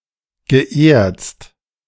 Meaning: past participle of erzen
- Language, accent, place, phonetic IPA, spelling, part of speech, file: German, Germany, Berlin, [ɡəˈʔeːɐ̯t͡st], geerzt, verb, De-geerzt.ogg